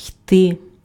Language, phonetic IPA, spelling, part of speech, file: Ukrainian, [i̯tɪ], йти, verb, Uk-йти.ogg
- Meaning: 1. alternative form of іти́ (itý) 2. to go (on foot), to walk (to) 3. to go by, to pass (about time) 4. to come out (about vapor, smoke) 5. to go on, to proceed (about meeting)